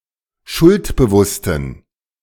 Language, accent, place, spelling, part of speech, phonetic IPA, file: German, Germany, Berlin, schuldbewussten, adjective, [ˈʃʊltbəˌvʊstn̩], De-schuldbewussten.ogg
- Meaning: inflection of schuldbewusst: 1. strong genitive masculine/neuter singular 2. weak/mixed genitive/dative all-gender singular 3. strong/weak/mixed accusative masculine singular 4. strong dative plural